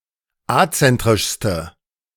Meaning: inflection of azentrisch: 1. strong/mixed nominative/accusative feminine singular superlative degree 2. strong nominative/accusative plural superlative degree
- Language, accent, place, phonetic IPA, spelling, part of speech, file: German, Germany, Berlin, [ˈat͡sɛntʁɪʃstə], azentrischste, adjective, De-azentrischste.ogg